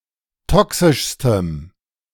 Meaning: strong dative masculine/neuter singular superlative degree of toxisch
- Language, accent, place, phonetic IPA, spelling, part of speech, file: German, Germany, Berlin, [ˈtɔksɪʃstəm], toxischstem, adjective, De-toxischstem.ogg